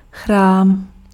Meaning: temple (place of worship)
- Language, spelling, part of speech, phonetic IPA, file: Czech, chrám, noun, [ˈxraːm], Cs-chrám.ogg